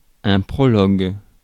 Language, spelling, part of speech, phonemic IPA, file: French, prologue, noun, /pʁɔ.lɔɡ/, Fr-prologue.ogg
- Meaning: prologue